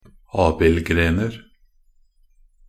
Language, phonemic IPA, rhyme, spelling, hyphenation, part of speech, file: Norwegian Bokmål, /ˈɑːbɪlɡreːnər/, -ər, abildgrener, ab‧ild‧gren‧er, noun, Nb-abildgrener.ogg
- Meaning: indefinite plural of abildgren